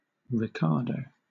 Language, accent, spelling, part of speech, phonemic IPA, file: English, Southern England, Ricardo, proper noun, /ɹɪˈkɑːdəʊ/, LL-Q1860 (eng)-Ricardo.wav
- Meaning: 1. A male given name from Portuguese or Spanish, equivalent to English Richard 2. A surname